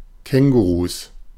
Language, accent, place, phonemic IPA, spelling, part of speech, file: German, Germany, Berlin, /ˈkɛŋɡuʁus/, Kängurus, noun, De-Kängurus.ogg
- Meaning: plural of Känguru